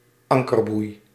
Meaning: anchor buoy (buoy affixed to an anchor to indicate the anchor's location)
- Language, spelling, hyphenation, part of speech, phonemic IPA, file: Dutch, ankerboei, an‧ker‧boei, noun, /ˈɑŋ.kərˌbui̯/, Nl-ankerboei.ogg